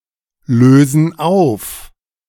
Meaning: inflection of auflösen: 1. first/third-person plural present 2. first/third-person plural subjunctive I
- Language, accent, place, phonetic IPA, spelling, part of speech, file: German, Germany, Berlin, [ˌløːzn̩ ˈaʊ̯f], lösen auf, verb, De-lösen auf.ogg